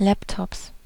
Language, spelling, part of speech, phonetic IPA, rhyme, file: German, Laptops, noun, [ˈlɛptɔps], -ɛptɔps, De-Laptops.ogg
- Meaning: plural of Laptop